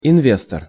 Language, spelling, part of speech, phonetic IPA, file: Russian, инвестор, noun, [ɪnˈvʲestər], Ru-инвестор.ogg
- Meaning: investor